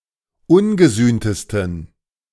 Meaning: 1. superlative degree of ungesühnt 2. inflection of ungesühnt: strong genitive masculine/neuter singular superlative degree
- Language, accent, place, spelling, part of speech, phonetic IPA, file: German, Germany, Berlin, ungesühntesten, adjective, [ˈʊnɡəˌzyːntəstn̩], De-ungesühntesten.ogg